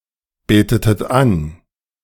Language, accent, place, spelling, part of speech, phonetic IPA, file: German, Germany, Berlin, betetet an, verb, [ˌbeːtətət ˈan], De-betetet an.ogg
- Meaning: inflection of anbeten: 1. second-person plural preterite 2. second-person plural subjunctive II